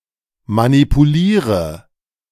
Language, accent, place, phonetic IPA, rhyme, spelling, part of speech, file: German, Germany, Berlin, [manipuˈliːʁə], -iːʁə, manipuliere, verb, De-manipuliere.ogg
- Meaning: inflection of manipulieren: 1. first-person singular present 2. first/third-person singular subjunctive I 3. singular imperative